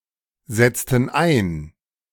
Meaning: inflection of einsetzen: 1. first/third-person plural preterite 2. first/third-person plural subjunctive II
- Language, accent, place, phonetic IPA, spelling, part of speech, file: German, Germany, Berlin, [ˌzɛt͡stn̩ ˈaɪ̯n], setzten ein, verb, De-setzten ein.ogg